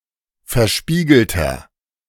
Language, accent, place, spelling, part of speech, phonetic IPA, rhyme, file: German, Germany, Berlin, verspiegelter, adjective, [fɛɐ̯ˈʃpiːɡl̩tɐ], -iːɡl̩tɐ, De-verspiegelter.ogg
- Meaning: inflection of verspiegelt: 1. strong/mixed nominative masculine singular 2. strong genitive/dative feminine singular 3. strong genitive plural